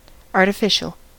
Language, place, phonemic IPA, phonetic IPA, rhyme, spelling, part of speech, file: English, California, /ˌɑɹ.təˈfɪʃ.əl/, [ˌɑɹ.ɾəˈfɪʃ.l̩], -ɪʃəl, artificial, adjective, En-us-artificial.ogg
- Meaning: 1. Man-made; made by humans; of artifice 2. Insincere; fake, forced, or feigned